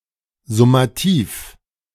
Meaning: summative
- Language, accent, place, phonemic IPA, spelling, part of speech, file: German, Germany, Berlin, /zʊmaˈtiːf/, summativ, adjective, De-summativ.ogg